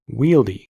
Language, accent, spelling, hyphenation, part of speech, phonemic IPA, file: English, General American, wieldy, wiel‧dy, adjective, /ˈwildi/, En-us-wieldy.ogg
- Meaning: 1. Able to wield one's body well; active, dexterous 2. Capable of being easily wielded or managed; handy